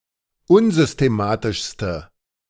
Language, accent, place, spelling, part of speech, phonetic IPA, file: German, Germany, Berlin, unsystematischste, adjective, [ˈʊnzʏsteˌmaːtɪʃstə], De-unsystematischste.ogg
- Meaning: inflection of unsystematisch: 1. strong/mixed nominative/accusative feminine singular superlative degree 2. strong nominative/accusative plural superlative degree